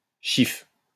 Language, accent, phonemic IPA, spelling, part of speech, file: French, France, /ʃif/, chiffe, noun, LL-Q150 (fra)-chiffe.wav
- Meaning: 1. rag 2. drip (person of weak character)